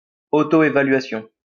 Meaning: assessment
- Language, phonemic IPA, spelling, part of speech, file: French, /e.va.lɥa.sjɔ̃/, évaluation, noun, LL-Q150 (fra)-évaluation.wav